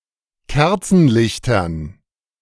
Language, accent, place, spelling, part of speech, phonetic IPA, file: German, Germany, Berlin, Kerzenlichtern, noun, [ˈkɛʁt͡sn̩ˌlɪçtɐn], De-Kerzenlichtern.ogg
- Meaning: dative plural of Kerzenlicht